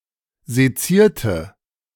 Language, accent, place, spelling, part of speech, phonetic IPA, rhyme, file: German, Germany, Berlin, sezierte, adjective / verb, [zeˈt͡siːɐ̯tə], -iːɐ̯tə, De-sezierte.ogg
- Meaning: inflection of sezieren: 1. first/third-person singular preterite 2. first/third-person singular subjunctive II